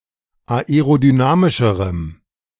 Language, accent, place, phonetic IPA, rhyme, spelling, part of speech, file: German, Germany, Berlin, [aeʁodyˈnaːmɪʃəʁəm], -aːmɪʃəʁəm, aerodynamischerem, adjective, De-aerodynamischerem.ogg
- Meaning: strong dative masculine/neuter singular comparative degree of aerodynamisch